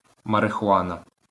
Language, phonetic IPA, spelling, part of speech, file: Ukrainian, [mɐrexʊˈanɐ], марихуана, noun, LL-Q8798 (ukr)-марихуана.wav
- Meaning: marijuana